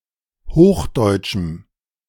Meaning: strong dative masculine/neuter singular of hochdeutsch
- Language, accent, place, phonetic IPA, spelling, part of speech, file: German, Germany, Berlin, [ˈhoːxˌdɔɪ̯t͡ʃm̩], hochdeutschem, adjective, De-hochdeutschem.ogg